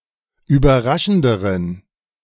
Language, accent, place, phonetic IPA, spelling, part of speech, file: German, Germany, Berlin, [yːbɐˈʁaʃn̩dəʁən], überraschenderen, adjective, De-überraschenderen.ogg
- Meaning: inflection of überraschend: 1. strong genitive masculine/neuter singular comparative degree 2. weak/mixed genitive/dative all-gender singular comparative degree